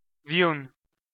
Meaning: alternative form of հյուն (hyun)
- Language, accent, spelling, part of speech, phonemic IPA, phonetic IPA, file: Armenian, Eastern Armenian, վյուն, noun, /vjun/, [vjun], Hy-վյուն.ogg